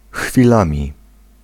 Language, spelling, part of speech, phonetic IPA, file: Polish, chwilami, adverb / noun, [xfʲiˈlãmʲi], Pl-chwilami.ogg